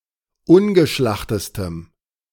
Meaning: strong dative masculine/neuter singular superlative degree of ungeschlacht
- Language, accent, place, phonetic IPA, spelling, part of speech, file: German, Germany, Berlin, [ˈʊnɡəˌʃlaxtəstəm], ungeschlachtestem, adjective, De-ungeschlachtestem.ogg